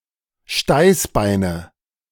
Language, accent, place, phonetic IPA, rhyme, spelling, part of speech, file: German, Germany, Berlin, [ˈʃtaɪ̯sˌbaɪ̯nə], -aɪ̯sbaɪ̯nə, Steißbeine, noun, De-Steißbeine.ogg
- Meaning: nominative/accusative/genitive plural of Steißbein